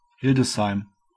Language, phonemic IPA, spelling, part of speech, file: German, /ˈhɪldəsˌhaɪ̯m/, Hildesheim, proper noun, De-Hildesheim.ogg
- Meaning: Hildesheim (a city and rural district of Lower Saxony, Germany)